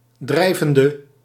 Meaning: inflection of drijvend: 1. masculine/feminine singular attributive 2. definite neuter singular attributive 3. plural attributive
- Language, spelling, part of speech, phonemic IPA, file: Dutch, drijvende, adjective / verb, /ˈdrɛivəndə/, Nl-drijvende.ogg